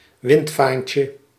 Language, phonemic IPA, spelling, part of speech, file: Dutch, /ˈwɪntfaɲcə/, windvaantje, noun, Nl-windvaantje.ogg
- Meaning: diminutive of windvaan